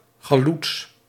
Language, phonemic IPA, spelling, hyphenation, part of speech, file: Dutch, /xaːˈluts/, chaloets, cha‧loets, noun, Nl-chaloets.ogg
- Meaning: halutz, early labour Zionist pioneer in British Palestine